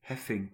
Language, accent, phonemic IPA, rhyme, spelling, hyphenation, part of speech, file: Dutch, Belgium, /ˈɦɛ.fɪŋ/, -ɛfɪŋ, heffing, hef‧fing, noun, Nl-heffing.ogg
- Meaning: 1. a tax 2. a group of letters which are stressed in a poetic meter